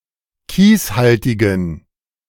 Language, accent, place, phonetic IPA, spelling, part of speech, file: German, Germany, Berlin, [ˈkiːsˌhaltɪɡn̩], kieshaltigen, adjective, De-kieshaltigen.ogg
- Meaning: inflection of kieshaltig: 1. strong genitive masculine/neuter singular 2. weak/mixed genitive/dative all-gender singular 3. strong/weak/mixed accusative masculine singular 4. strong dative plural